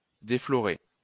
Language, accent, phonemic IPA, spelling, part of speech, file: French, France, /de.flɔ.ʁe/, déflorer, verb, LL-Q150 (fra)-déflorer.wav
- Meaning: 1. to completely pluck (a flower) 2. to deflower 3. to spoil, to impurify (take away purity)